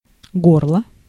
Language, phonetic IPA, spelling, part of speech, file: Russian, [ˈɡorɫə], горло, noun, Ru-горло.ogg
- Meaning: 1. throat 2. gullet 3. neck (of a vessel)